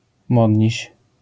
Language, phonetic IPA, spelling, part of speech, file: Polish, [ˈmɔdʲɲiɕ], modniś, noun, LL-Q809 (pol)-modniś.wav